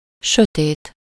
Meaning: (adjective) 1. dark, sombre (UK), somber (US) 2. unintelligent, stupid, dumb; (noun) darkness, dark
- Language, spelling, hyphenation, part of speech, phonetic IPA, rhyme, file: Hungarian, sötét, sö‧tét, adjective / noun, [ˈʃøteːt], -eːt, Hu-sötét.ogg